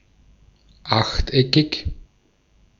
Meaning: octagonal, having eight corners
- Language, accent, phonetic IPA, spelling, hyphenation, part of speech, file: German, Austria, [ˈʔaχtˌɛkʰɪç], achteckig, acht‧eckig, adjective, De-at-achteckig.ogg